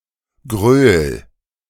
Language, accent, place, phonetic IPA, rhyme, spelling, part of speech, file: German, Germany, Berlin, [ɡʁøːl], -øːl, gröl, verb, De-gröl.ogg
- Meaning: 1. singular imperative of grölen 2. first-person singular present of grölen